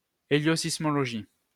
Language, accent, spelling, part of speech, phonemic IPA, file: French, France, héliosismologie, noun, /e.ljo.sis.mɔ.lɔ.ʒi/, LL-Q150 (fra)-héliosismologie.wav
- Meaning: helioseismology